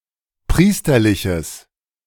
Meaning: strong/mixed nominative/accusative neuter singular of priesterlich
- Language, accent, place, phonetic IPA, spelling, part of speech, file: German, Germany, Berlin, [ˈpʁiːstɐlɪçəs], priesterliches, adjective, De-priesterliches.ogg